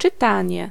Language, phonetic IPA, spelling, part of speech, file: Polish, [t͡ʃɨˈtãɲɛ], czytanie, noun, Pl-czytanie.ogg